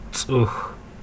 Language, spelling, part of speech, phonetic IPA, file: Kabardian, цӏыху, noun, [t͡sʼəxʷə], T͡sʼəxʷ.ogg
- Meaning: person, human